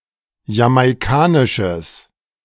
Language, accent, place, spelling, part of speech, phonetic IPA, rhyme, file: German, Germany, Berlin, jamaikanisches, adjective, [jamaɪ̯ˈkaːnɪʃəs], -aːnɪʃəs, De-jamaikanisches.ogg
- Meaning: strong/mixed nominative/accusative neuter singular of jamaikanisch